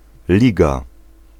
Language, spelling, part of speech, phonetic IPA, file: Polish, liga, noun, [ˈlʲiɡa], Pl-liga.ogg